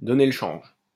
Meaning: 1. to set a hunter on the wrong track (to escape by directing the hunter's attention to another animal) 2. to deceive, to pull the wool over (someone's) eyes
- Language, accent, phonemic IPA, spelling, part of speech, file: French, France, /dɔ.ne l(ə) ʃɑ̃ʒ/, donner le change, verb, LL-Q150 (fra)-donner le change.wav